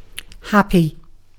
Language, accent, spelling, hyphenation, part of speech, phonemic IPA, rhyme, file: English, Received Pronunciation, happy, hap‧py, adjective / noun / verb, /ˈhæpi/, -æpi, En-uk-happy.ogg
- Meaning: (adjective) Having a feeling arising from a consciousness of well-being or of enjoyment; enjoying good of any kind, such as comfort, peace, or tranquillity; blissful, contented, joyous